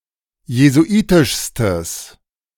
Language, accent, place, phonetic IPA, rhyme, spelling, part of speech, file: German, Germany, Berlin, [jezuˈʔiːtɪʃstəs], -iːtɪʃstəs, jesuitischstes, adjective, De-jesuitischstes.ogg
- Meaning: strong/mixed nominative/accusative neuter singular superlative degree of jesuitisch